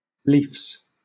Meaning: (verb) third-person singular simple present indicative of leaf; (noun) plural of leaf
- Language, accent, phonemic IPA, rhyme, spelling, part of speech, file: English, Southern England, /liːfs/, -iːfs, leafs, verb / noun, LL-Q1860 (eng)-leafs.wav